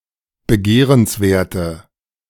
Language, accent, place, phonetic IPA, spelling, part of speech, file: German, Germany, Berlin, [bəˈɡeːʁənsˌveːɐ̯tə], begehrenswerte, adjective, De-begehrenswerte.ogg
- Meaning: inflection of begehrenswert: 1. strong/mixed nominative/accusative feminine singular 2. strong nominative/accusative plural 3. weak nominative all-gender singular